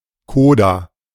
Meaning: 1. coda 2. alternative form of Koda (“syllable coda”)
- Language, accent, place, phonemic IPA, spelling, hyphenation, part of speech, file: German, Germany, Berlin, /ˈkoːda/, Coda, Co‧da, noun, De-Coda.ogg